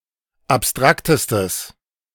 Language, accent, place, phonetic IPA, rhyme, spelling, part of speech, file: German, Germany, Berlin, [apˈstʁaktəstəs], -aktəstəs, abstraktestes, adjective, De-abstraktestes.ogg
- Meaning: strong/mixed nominative/accusative neuter singular superlative degree of abstrakt